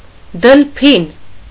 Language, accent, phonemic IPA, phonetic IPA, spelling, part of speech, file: Armenian, Eastern Armenian, /dəlˈpʰin/, [dəlpʰín], դլփին, noun, Hy-դլփին.ogg
- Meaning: rare form of դելֆին (delfin)